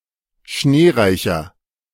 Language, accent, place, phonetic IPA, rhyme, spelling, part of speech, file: German, Germany, Berlin, [ˈʃneːˌʁaɪ̯çɐ], -eːʁaɪ̯çɐ, schneereicher, adjective, De-schneereicher.ogg
- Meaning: 1. comparative degree of schneereich 2. inflection of schneereich: strong/mixed nominative masculine singular 3. inflection of schneereich: strong genitive/dative feminine singular